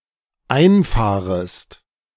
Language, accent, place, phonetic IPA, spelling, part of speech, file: German, Germany, Berlin, [ˈaɪ̯nˌfaːʁəst], einfahrest, verb, De-einfahrest.ogg
- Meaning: second-person singular dependent subjunctive I of einfahren